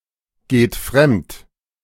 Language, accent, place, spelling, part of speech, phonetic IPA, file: German, Germany, Berlin, geht fremd, verb, [ˌɡeːt ˈfʁɛmt], De-geht fremd.ogg
- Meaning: inflection of fremdgehen: 1. third-person singular present 2. second-person plural present 3. plural imperative